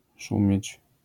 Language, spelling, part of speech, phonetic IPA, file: Polish, szumieć, verb, [ˈʃũmʲjɛ̇t͡ɕ], LL-Q809 (pol)-szumieć.wav